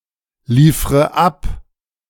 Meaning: inflection of abliefern: 1. first-person singular present 2. first/third-person singular subjunctive I 3. singular imperative
- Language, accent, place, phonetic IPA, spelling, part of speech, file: German, Germany, Berlin, [ˌliːfʁə ˈap], liefre ab, verb, De-liefre ab.ogg